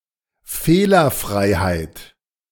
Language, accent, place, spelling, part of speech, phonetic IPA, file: German, Germany, Berlin, Fehlerfreiheit, noun, [ˈfeːlɐˌfʀaɪ̯haɪ̯t], De-Fehlerfreiheit.ogg
- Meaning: accuracy, correctness